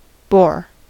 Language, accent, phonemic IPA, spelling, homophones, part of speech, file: English, US, /boɹ/, bore, boar / Bohr, verb / noun, En-us-bore.ogg
- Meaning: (verb) 1. To inspire boredom in somebody 2. To make a hole through something 3. To make a hole with, or as if with, a boring instrument; to cut a circular hole by the rotary motion of a tool